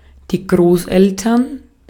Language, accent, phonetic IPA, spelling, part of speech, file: German, Austria, [ˈɡʁoːsˌʔɛltɐn], Großeltern, noun, De-at-Großeltern.ogg
- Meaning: grandparents